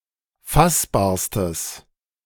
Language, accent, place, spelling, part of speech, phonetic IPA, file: German, Germany, Berlin, fassbarstes, adjective, [ˈfasbaːɐ̯stəs], De-fassbarstes.ogg
- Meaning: strong/mixed nominative/accusative neuter singular superlative degree of fassbar